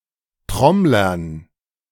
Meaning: dative plural of Trommler
- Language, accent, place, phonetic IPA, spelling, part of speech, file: German, Germany, Berlin, [ˈtʁɔmlɐn], Trommlern, noun, De-Trommlern.ogg